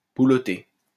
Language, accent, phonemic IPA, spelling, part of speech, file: French, France, /bu.lɔ.te/, boulotter, verb, LL-Q150 (fra)-boulotter.wav
- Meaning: to eat, to consume